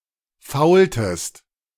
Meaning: inflection of foulen: 1. second-person singular preterite 2. second-person singular subjunctive II
- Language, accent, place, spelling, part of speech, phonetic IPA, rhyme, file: German, Germany, Berlin, foultest, verb, [ˈfaʊ̯ltəst], -aʊ̯ltəst, De-foultest.ogg